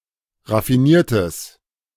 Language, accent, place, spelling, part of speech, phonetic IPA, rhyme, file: German, Germany, Berlin, raffiniertes, adjective, [ʁafiˈniːɐ̯təs], -iːɐ̯təs, De-raffiniertes.ogg
- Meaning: strong/mixed nominative/accusative neuter singular of raffiniert